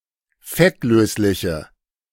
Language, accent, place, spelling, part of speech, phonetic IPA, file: German, Germany, Berlin, fettlösliche, adjective, [ˈfɛtˌløːslɪçə], De-fettlösliche.ogg
- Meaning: inflection of fettlöslich: 1. strong/mixed nominative/accusative feminine singular 2. strong nominative/accusative plural 3. weak nominative all-gender singular